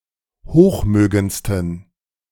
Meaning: 1. superlative degree of hochmögend 2. inflection of hochmögend: strong genitive masculine/neuter singular superlative degree
- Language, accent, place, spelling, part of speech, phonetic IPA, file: German, Germany, Berlin, hochmögendsten, adjective, [ˈhoːxˌmøːɡənt͡stn̩], De-hochmögendsten.ogg